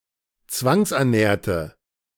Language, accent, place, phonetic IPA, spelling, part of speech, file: German, Germany, Berlin, [ˈt͡svaŋsʔɛɐ̯ˌnɛːɐ̯tə], zwangsernährte, adjective / verb, De-zwangsernährte.ogg
- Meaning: inflection of zwangsernähren: 1. first/third-person singular preterite 2. first/third-person singular subjunctive II